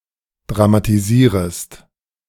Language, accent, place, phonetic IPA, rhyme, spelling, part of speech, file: German, Germany, Berlin, [dʁamatiˈziːʁəst], -iːʁəst, dramatisierest, verb, De-dramatisierest.ogg
- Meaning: second-person singular subjunctive I of dramatisieren